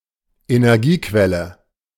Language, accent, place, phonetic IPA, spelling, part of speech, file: German, Germany, Berlin, [enɛʁˈɡiːˌkvɛlə], Energiequelle, noun, De-Energiequelle.ogg
- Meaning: energy source